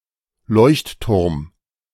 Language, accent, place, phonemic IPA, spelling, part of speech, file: German, Germany, Berlin, /ˈlɔʏ̯ç(t)ˌtʊʁm/, Leuchtturm, noun, De-Leuchtturm.ogg
- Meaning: lighthouse